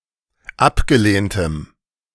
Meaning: strong dative masculine/neuter singular of abgelehnt
- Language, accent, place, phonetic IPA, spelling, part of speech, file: German, Germany, Berlin, [ˈapɡəˌleːntəm], abgelehntem, adjective, De-abgelehntem.ogg